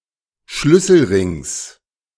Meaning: genitive singular of Schlüsselring
- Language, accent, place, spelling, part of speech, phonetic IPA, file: German, Germany, Berlin, Schlüsselrings, noun, [ˈʃlʏsl̩ˌʁɪŋs], De-Schlüsselrings.ogg